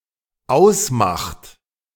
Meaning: inflection of ausmachen: 1. third-person singular dependent present 2. second-person plural dependent present
- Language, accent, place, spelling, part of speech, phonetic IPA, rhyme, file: German, Germany, Berlin, ausmacht, verb, [ˈaʊ̯sˌmaxt], -aʊ̯smaxt, De-ausmacht.ogg